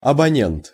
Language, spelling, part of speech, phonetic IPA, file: Russian, абонент, noun, [ɐbɐˈnʲent], Ru-абонент.ogg
- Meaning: subscriber